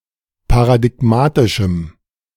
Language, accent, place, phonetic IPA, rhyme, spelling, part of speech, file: German, Germany, Berlin, [paʁadɪˈɡmaːtɪʃm̩], -aːtɪʃm̩, paradigmatischem, adjective, De-paradigmatischem.ogg
- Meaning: strong dative masculine/neuter singular of paradigmatisch